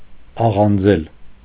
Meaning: to roast (especially cereals)
- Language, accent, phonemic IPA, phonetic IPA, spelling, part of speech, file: Armenian, Eastern Armenian, /ɑʁɑnˈd͡zel/, [ɑʁɑnd͡zél], աղանձել, verb, Hy-աղանձել.ogg